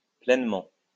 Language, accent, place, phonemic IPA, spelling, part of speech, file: French, France, Lyon, /plɛn.mɑ̃/, pleinement, adverb, LL-Q150 (fra)-pleinement.wav
- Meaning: completely, all over